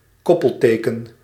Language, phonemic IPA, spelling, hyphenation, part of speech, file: Dutch, /ˈkɔ.pəlˌteː.kən/, koppelteken, kop‧pel‧te‧ken, noun, Nl-koppelteken.ogg
- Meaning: hyphen, used to join two or more words to form a compound term